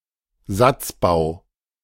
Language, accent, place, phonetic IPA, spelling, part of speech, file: German, Germany, Berlin, [ˈzatsˌbaʊ̯], Satzbau, noun, De-Satzbau.ogg
- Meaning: syntax